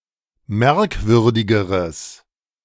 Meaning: strong/mixed nominative/accusative neuter singular comparative degree of merkwürdig
- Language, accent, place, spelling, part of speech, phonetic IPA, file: German, Germany, Berlin, merkwürdigeres, adjective, [ˈmɛʁkˌvʏʁdɪɡəʁəs], De-merkwürdigeres.ogg